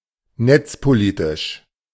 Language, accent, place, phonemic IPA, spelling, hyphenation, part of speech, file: German, Germany, Berlin, /ˈnɛt͡spoˌliːtɪʃ/, netzpolitisch, netz‧po‧li‧tisch, adjective, De-netzpolitisch.ogg
- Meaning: net policy